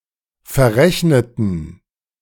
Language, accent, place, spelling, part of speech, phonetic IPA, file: German, Germany, Berlin, verrechneten, adjective / verb, [fɛɐ̯ˈʁɛçnətn̩], De-verrechneten.ogg
- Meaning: inflection of verrechnen: 1. first/third-person plural preterite 2. first/third-person plural subjunctive II